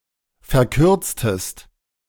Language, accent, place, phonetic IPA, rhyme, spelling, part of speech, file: German, Germany, Berlin, [fɛɐ̯ˈkʏʁt͡stəst], -ʏʁt͡stəst, verkürztest, verb, De-verkürztest.ogg
- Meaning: inflection of verkürzen: 1. second-person singular preterite 2. second-person singular subjunctive II